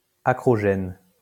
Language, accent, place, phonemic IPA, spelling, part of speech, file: French, France, Lyon, /a.kʁɔ.ʒɛn/, acrogène, adjective, LL-Q150 (fra)-acrogène.wav
- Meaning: acrogenous